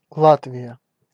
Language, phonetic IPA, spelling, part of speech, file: Russian, [ˈɫatvʲɪjə], Латвия, proper noun, Ru-Латвия.ogg
- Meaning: Latvia (a country in northeastern Europe)